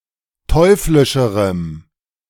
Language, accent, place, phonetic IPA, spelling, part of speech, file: German, Germany, Berlin, [ˈtɔɪ̯flɪʃəʁəm], teuflischerem, adjective, De-teuflischerem.ogg
- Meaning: strong dative masculine/neuter singular comparative degree of teuflisch